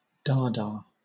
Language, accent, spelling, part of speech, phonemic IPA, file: English, Southern England, Dada, noun, /ˈdɑːdɑː/, LL-Q1860 (eng)-Dada.wav